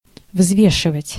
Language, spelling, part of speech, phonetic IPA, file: Russian, взвешивать, verb, [ˈvzvʲeʂɨvətʲ], Ru-взвешивать.ogg
- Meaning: 1. to weigh (to determine the weight of an object) 2. to weigh (to consider a subject)